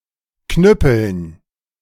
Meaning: dative plural of Knüppel
- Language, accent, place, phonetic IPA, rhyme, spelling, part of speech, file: German, Germany, Berlin, [ˈknʏpl̩n], -ʏpl̩n, Knüppeln, noun, De-Knüppeln.ogg